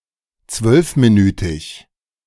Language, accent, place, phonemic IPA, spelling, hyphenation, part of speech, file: German, Germany, Berlin, /t͡svœlfmiˌnyːtɪç/, zwölfminütig, zwölf‧mi‧nü‧tig, adjective, De-zwölfminütig.ogg
- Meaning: twelve-minute